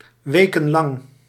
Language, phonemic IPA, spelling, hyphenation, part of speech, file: Dutch, /ˈʋeː.kə(n)ˌlɑŋ/, wekenlang, we‧ken‧lang, adverb / adjective, Nl-wekenlang.ogg
- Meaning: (adverb) for weeks; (adjective) lasting weeks